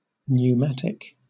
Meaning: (adjective) 1. Of, relating to, or resembling air or other gases 2. Of or relating to pneumatics 3. Powered by, or filled with, compressed air 4. Having cavities filled with air
- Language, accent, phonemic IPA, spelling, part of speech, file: English, Southern England, /n(j)uːˈmæ.tɪk/, pneumatic, adjective / noun, LL-Q1860 (eng)-pneumatic.wav